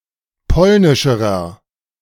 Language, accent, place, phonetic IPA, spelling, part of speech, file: German, Germany, Berlin, [ˈpɔlnɪʃəʁɐ], polnischerer, adjective, De-polnischerer.ogg
- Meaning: inflection of polnisch: 1. strong/mixed nominative masculine singular comparative degree 2. strong genitive/dative feminine singular comparative degree 3. strong genitive plural comparative degree